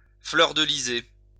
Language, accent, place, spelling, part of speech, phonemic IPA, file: French, France, Lyon, fleurdeliser, verb, /flœʁ.də.li.ze/, LL-Q150 (fra)-fleurdeliser.wav
- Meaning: alternative spelling of fleurdelyser